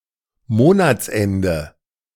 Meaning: end of month, end of the month
- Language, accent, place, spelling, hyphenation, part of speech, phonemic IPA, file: German, Germany, Berlin, Monatsende, Mo‧nats‧en‧de, noun, /ˈmoːnat͜sˌɛndə/, De-Monatsende.ogg